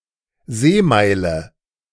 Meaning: nautical mile (unit of measure equal to 1852 meters)
- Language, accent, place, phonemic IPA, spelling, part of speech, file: German, Germany, Berlin, /ˈzeːˌmaɪ̯lə/, Seemeile, noun, De-Seemeile.ogg